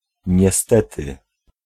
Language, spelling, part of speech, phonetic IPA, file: Polish, niestety, particle, [ɲɛˈstɛtɨ], Pl-niestety.ogg